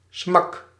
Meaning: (noun) crash, blow, smack; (verb) inflection of smakken: 1. first-person singular present indicative 2. second-person singular present indicative 3. imperative
- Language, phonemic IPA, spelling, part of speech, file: Dutch, /smɑk/, smak, noun / interjection / verb, Nl-smak.ogg